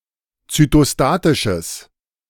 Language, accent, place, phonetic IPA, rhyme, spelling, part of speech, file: German, Germany, Berlin, [t͡sytoˈstaːtɪʃəs], -aːtɪʃəs, zytostatisches, adjective, De-zytostatisches.ogg
- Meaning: strong/mixed nominative/accusative neuter singular of zytostatisch